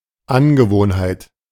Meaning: habit, custom
- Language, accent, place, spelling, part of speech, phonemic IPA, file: German, Germany, Berlin, Angewohnheit, noun, /ˈanɡəˌvoːnhaɪ̯t/, De-Angewohnheit.ogg